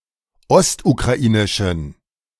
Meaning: inflection of ostukrainisch: 1. strong genitive masculine/neuter singular 2. weak/mixed genitive/dative all-gender singular 3. strong/weak/mixed accusative masculine singular 4. strong dative plural
- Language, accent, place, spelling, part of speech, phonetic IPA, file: German, Germany, Berlin, ostukrainischen, adjective, [ˈɔstukʁaˌʔiːnɪʃn̩], De-ostukrainischen.ogg